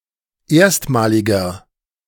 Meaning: inflection of erstmalig: 1. strong/mixed nominative masculine singular 2. strong genitive/dative feminine singular 3. strong genitive plural
- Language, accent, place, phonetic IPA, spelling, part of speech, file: German, Germany, Berlin, [ˈeːɐ̯stmaːlɪɡɐ], erstmaliger, adjective, De-erstmaliger.ogg